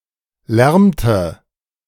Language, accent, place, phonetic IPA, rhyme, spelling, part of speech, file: German, Germany, Berlin, [ˈlɛʁmtə], -ɛʁmtə, lärmte, verb, De-lärmte.ogg
- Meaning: inflection of lärmen: 1. first/third-person singular preterite 2. first/third-person singular subjunctive II